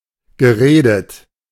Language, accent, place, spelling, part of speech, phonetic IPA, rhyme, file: German, Germany, Berlin, geredet, verb, [ɡəˈʁeːdət], -eːdət, De-geredet.ogg
- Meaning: past participle of reden